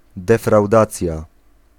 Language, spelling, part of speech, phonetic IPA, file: Polish, defraudacja, noun, [ˌdɛfrawˈdat͡sʲja], Pl-defraudacja.ogg